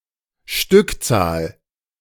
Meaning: quantity (number of items)
- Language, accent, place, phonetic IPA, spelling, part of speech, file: German, Germany, Berlin, [ˈʃtʏkˌt͡saːl], Stückzahl, noun, De-Stückzahl.ogg